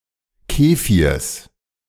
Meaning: genitive singular of Kefir
- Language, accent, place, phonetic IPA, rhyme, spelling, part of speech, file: German, Germany, Berlin, [ˈkeːfiːɐ̯s], -eːfiːɐ̯s, Kefirs, noun, De-Kefirs.ogg